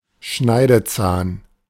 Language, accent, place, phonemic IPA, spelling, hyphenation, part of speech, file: German, Germany, Berlin, /ˈʃnaɪ̯dəˌt͡saːn/, Schneidezahn, Schnei‧de‧zahn, noun, De-Schneidezahn.ogg
- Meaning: incisor